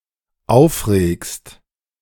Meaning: second-person singular dependent present of aufregen
- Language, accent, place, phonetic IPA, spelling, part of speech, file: German, Germany, Berlin, [ˈaʊ̯fˌʁeːkst], aufregst, verb, De-aufregst.ogg